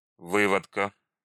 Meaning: genitive singular of вы́водок (vývodok)
- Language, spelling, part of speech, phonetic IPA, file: Russian, выводка, noun, [ˈvɨvətkə], Ru-вы́водка.ogg